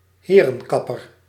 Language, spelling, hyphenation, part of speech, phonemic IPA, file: Dutch, herenkapper, he‧ren‧kap‧per, noun, /ˈɦeː.rə(n)ˌkɑ.pər/, Nl-herenkapper.ogg
- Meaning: a men's hairdresser, a barber